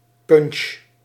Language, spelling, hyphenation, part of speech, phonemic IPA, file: Dutch, punch, punch, noun, /pʏnʃ/, Nl-punch.ogg
- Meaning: punch (beverage)